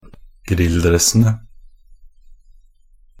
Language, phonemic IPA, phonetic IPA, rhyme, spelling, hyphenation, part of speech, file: Norwegian Bokmål, /²ˈɡrɪlːˌdrɛs.ə.nə/, [ˈɡrɪ̌lːˌdrɛs.ə.nə], -ənə, grilldressene, grill‧dress‧en‧e, noun, Nb-grilldressene.ogg
- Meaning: definite plural of grilldress (“tracksuit worn for grilling or as leisurewear”)